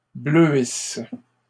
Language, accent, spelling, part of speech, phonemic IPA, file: French, Canada, bleuisse, verb, /blø.is/, LL-Q150 (fra)-bleuisse.wav
- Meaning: inflection of bleuir: 1. first/third-person singular present subjunctive 2. first-person singular imperfect subjunctive